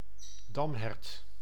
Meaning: fallow deer (Dama dama)
- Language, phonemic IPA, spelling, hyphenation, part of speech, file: Dutch, /ˈdɑm.ɦɛrt/, damhert, dam‧hert, noun, Nl-damhert.ogg